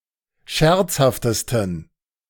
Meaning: 1. superlative degree of scherzhaft 2. inflection of scherzhaft: strong genitive masculine/neuter singular superlative degree
- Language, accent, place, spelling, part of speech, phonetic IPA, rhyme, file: German, Germany, Berlin, scherzhaftesten, adjective, [ˈʃɛʁt͡shaftəstn̩], -ɛʁt͡shaftəstn̩, De-scherzhaftesten.ogg